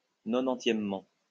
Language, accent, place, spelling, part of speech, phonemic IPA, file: French, France, Lyon, nonantièmement, adverb, /nɔ.nɑ̃.tjɛm.mɑ̃/, LL-Q150 (fra)-nonantièmement.wav
- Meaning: ninetiethly